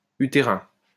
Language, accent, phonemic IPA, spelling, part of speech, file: French, France, /y.te.ʁɛ̃/, utérins, adjective, LL-Q150 (fra)-utérins.wav
- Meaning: masculine plural of utérin